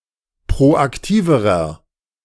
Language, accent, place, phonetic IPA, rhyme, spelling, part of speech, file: German, Germany, Berlin, [pʁoʔakˈtiːvəʁɐ], -iːvəʁɐ, proaktiverer, adjective, De-proaktiverer.ogg
- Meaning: inflection of proaktiv: 1. strong/mixed nominative masculine singular comparative degree 2. strong genitive/dative feminine singular comparative degree 3. strong genitive plural comparative degree